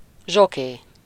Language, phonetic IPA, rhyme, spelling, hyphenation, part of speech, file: Hungarian, [ˈʒokeː], -keː, zsoké, zso‧ké, noun, Hu-zsoké.ogg
- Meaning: jockey